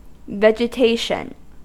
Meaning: 1. Plants, taken collectively 2. An abnormal mass on an endocardial surface, especially a heart valve, composed chiefly of fibrin and platelets and often containing microorganisms
- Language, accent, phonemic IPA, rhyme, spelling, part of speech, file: English, US, /ˌvɛd͡ʒəˈteɪʃən/, -eɪʃən, vegetation, noun, En-us-vegetation.ogg